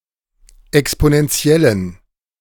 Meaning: inflection of exponentiell: 1. strong genitive masculine/neuter singular 2. weak/mixed genitive/dative all-gender singular 3. strong/weak/mixed accusative masculine singular 4. strong dative plural
- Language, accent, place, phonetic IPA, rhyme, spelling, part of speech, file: German, Germany, Berlin, [ɛksponɛnˈt͡si̯ɛlən], -ɛlən, exponentiellen, adjective, De-exponentiellen.ogg